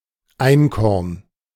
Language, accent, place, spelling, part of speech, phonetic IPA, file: German, Germany, Berlin, Einkorn, noun, [ˈaɪ̯nkɔʁn], De-Einkorn.ogg
- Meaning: einkorn wheat